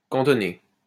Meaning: 1. to station; billet (troops) 2. to be stationed, be billeted 3. to confine (someone to) 4. to take refuge (in) 5. to restrict oneself (to); focus (on) 6. be restricted, confined
- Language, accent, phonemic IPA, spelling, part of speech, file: French, France, /kɑ̃.tɔ.ne/, cantonner, verb, LL-Q150 (fra)-cantonner.wav